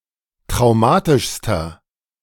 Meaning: inflection of traumatisch: 1. strong/mixed nominative masculine singular superlative degree 2. strong genitive/dative feminine singular superlative degree 3. strong genitive plural superlative degree
- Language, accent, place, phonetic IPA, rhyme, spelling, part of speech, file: German, Germany, Berlin, [tʁaʊ̯ˈmaːtɪʃstɐ], -aːtɪʃstɐ, traumatischster, adjective, De-traumatischster.ogg